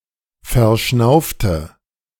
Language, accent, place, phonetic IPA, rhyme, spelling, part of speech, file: German, Germany, Berlin, [fɛɐ̯ˈʃnaʊ̯ftə], -aʊ̯ftə, verschnaufte, verb, De-verschnaufte.ogg
- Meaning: inflection of verschnaufen: 1. first/third-person singular preterite 2. first/third-person singular subjunctive II